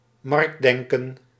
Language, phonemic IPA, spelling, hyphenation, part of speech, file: Dutch, /ˈmɑrktˌdɛŋ.kə(n)/, marktdenken, markt‧den‧ken, noun, Nl-marktdenken.ogg
- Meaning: market ideology, market thinking (ideology that favours market mechanisms)